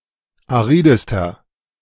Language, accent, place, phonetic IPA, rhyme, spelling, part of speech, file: German, Germany, Berlin, [aˈʁiːdəstɐ], -iːdəstɐ, aridester, adjective, De-aridester.ogg
- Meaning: inflection of arid: 1. strong/mixed nominative masculine singular superlative degree 2. strong genitive/dative feminine singular superlative degree 3. strong genitive plural superlative degree